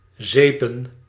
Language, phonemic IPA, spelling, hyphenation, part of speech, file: Dutch, /ˈzeː.pə(n)/, zepen, ze‧pen, verb / noun, Nl-zepen.ogg
- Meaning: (verb) to soap (to cover with soap or apply soup to); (noun) plural of zeep